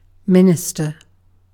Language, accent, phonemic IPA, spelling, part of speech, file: English, UK, /ˈmɪn.ɪs.tə/, minister, noun / verb, En-uk-minister.ogg
- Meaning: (noun) A person who is trained to preach, to perform religious ceremonies, and to afford pastoral care at a Protestant church